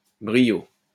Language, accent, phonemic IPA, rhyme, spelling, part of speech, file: French, France, /bʁi.jo/, -o, brio, noun, LL-Q150 (fra)-brio.wav
- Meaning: 1. brilliance, panache 2. con brio